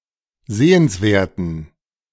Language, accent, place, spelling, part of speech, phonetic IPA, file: German, Germany, Berlin, sehenswerten, adjective, [ˈzeːənsˌveːɐ̯tn̩], De-sehenswerten.ogg
- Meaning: inflection of sehenswert: 1. strong genitive masculine/neuter singular 2. weak/mixed genitive/dative all-gender singular 3. strong/weak/mixed accusative masculine singular 4. strong dative plural